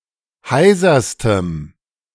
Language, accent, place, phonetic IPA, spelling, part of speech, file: German, Germany, Berlin, [ˈhaɪ̯zɐstəm], heiserstem, adjective, De-heiserstem.ogg
- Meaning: strong dative masculine/neuter singular superlative degree of heiser